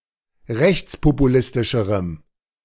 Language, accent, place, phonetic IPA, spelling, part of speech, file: German, Germany, Berlin, [ˈʁɛçt͡spopuˌlɪstɪʃəʁəm], rechtspopulistischerem, adjective, De-rechtspopulistischerem.ogg
- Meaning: strong dative masculine/neuter singular comparative degree of rechtspopulistisch